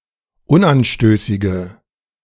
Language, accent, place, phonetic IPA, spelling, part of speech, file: German, Germany, Berlin, [ˈʊnʔanˌʃtøːsɪɡə], unanstößige, adjective, De-unanstößige.ogg
- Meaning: inflection of unanstößig: 1. strong/mixed nominative/accusative feminine singular 2. strong nominative/accusative plural 3. weak nominative all-gender singular